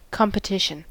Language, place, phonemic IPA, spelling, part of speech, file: English, California, /ˌkɑm.pəˈtɪʃ.ən/, competition, noun, En-us-competition.ogg
- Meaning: 1. The action of competing 2. A contest for a prize or award 3. The competitors in such a contest